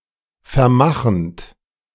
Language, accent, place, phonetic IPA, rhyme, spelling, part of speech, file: German, Germany, Berlin, [fɛɐ̯ˈmaxn̩t], -axn̩t, vermachend, verb, De-vermachend.ogg
- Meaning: present participle of vermachen